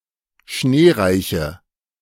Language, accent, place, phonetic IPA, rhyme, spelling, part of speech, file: German, Germany, Berlin, [ˈʃneːˌʁaɪ̯çə], -eːʁaɪ̯çə, schneereiche, adjective, De-schneereiche.ogg
- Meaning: inflection of schneereich: 1. strong/mixed nominative/accusative feminine singular 2. strong nominative/accusative plural 3. weak nominative all-gender singular